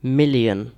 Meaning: 1. The cardinal number 1 000 000: 10⁶; a thousand thousand (1,000²) 2. An unspecified very large number
- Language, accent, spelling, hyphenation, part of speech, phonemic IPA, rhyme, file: English, UK, million, mil‧lion, numeral, /ˈmɪl.jən/, -ɪljən, En-uk-million.ogg